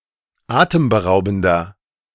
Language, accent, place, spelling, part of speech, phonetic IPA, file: German, Germany, Berlin, atemberaubender, adjective, [ˈaːtəmbəˌʁaʊ̯bn̩dɐ], De-atemberaubender.ogg
- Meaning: 1. comparative degree of atemberaubend 2. inflection of atemberaubend: strong/mixed nominative masculine singular 3. inflection of atemberaubend: strong genitive/dative feminine singular